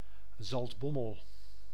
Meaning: Zaltbommel (a city and municipality of Gelderland, Netherlands)
- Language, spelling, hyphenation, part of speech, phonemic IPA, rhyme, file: Dutch, Zaltbommel, Zalt‧bom‧mel, proper noun, /zɑltˈbɔ.məl/, -ɔməl, Nl-Zaltbommel.ogg